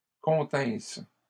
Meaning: first-person singular imperfect subjunctive of contenir
- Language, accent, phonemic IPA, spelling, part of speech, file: French, Canada, /kɔ̃.tɛ̃s/, continsse, verb, LL-Q150 (fra)-continsse.wav